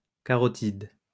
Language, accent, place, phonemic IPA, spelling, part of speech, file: French, France, Lyon, /ka.ʁɔ.tid/, carotide, noun, LL-Q150 (fra)-carotide.wav
- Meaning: carotid